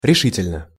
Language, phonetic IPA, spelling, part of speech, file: Russian, [rʲɪˈʂɨtʲɪlʲnə], решительно, adverb / adjective, Ru-решительно.ogg
- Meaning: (adverb) 1. resolutely, firmly 2. decisively 3. definitely 4. absolutely; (adjective) short neuter singular of реши́тельный (rešítelʹnyj)